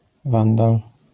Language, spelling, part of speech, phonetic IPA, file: Polish, wandal, noun, [ˈvãndal], LL-Q809 (pol)-wandal.wav